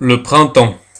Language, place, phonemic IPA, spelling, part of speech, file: French, Paris, /pʁɛ̃.tɑ̃/, printemps, noun, Fr-printemps.ogg
- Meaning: spring (season)